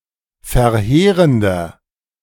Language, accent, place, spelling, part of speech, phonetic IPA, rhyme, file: German, Germany, Berlin, verheerender, adjective, [fɛɐ̯ˈheːʁəndɐ], -eːʁəndɐ, De-verheerender.ogg
- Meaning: 1. comparative degree of verheerend 2. inflection of verheerend: strong/mixed nominative masculine singular 3. inflection of verheerend: strong genitive/dative feminine singular